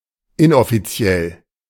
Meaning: unofficial
- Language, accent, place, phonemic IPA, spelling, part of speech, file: German, Germany, Berlin, /ˈʔɪnʔɔfiˌtsi̯ɛl/, inoffiziell, adjective, De-inoffiziell.ogg